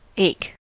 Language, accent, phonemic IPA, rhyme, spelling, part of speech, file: English, US, /eɪk/, -eɪk, ache, verb / noun, En-us-ache.ogg
- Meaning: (verb) 1. To suffer pain; to be the source of, or be in, pain, especially continued dull pain; to be distressed 2. To cause someone or something to suffer pain